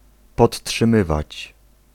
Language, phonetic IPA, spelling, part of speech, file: Polish, [ˌpɔtṭʃɨ̃ˈmɨvat͡ɕ], podtrzymywać, verb, Pl-podtrzymywać.ogg